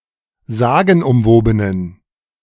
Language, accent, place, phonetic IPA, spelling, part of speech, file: German, Germany, Berlin, [ˈzaːɡn̩ʔʊmˌvoːbənən], sagenumwobenen, adjective, De-sagenumwobenen.ogg
- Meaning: inflection of sagenumwoben: 1. strong genitive masculine/neuter singular 2. weak/mixed genitive/dative all-gender singular 3. strong/weak/mixed accusative masculine singular 4. strong dative plural